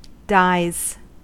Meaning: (verb) third-person singular simple present indicative of die; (noun) plural of die (when used in the sense of a pattern / of obsolete spelling of dye)
- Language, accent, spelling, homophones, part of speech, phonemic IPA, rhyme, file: English, US, dies, dyes, verb / noun, /daɪz/, -aɪz, En-us-dies.ogg